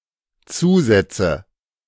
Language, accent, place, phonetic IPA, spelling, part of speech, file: German, Germany, Berlin, [ˈt͡suːˌzɛt͡sə], Zusätze, noun, De-Zusätze.ogg
- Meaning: nominative/accusative/genitive plural of Zusatz